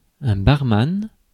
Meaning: barman, bartender
- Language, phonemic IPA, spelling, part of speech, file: French, /baʁ.man/, barman, noun, Fr-barman.ogg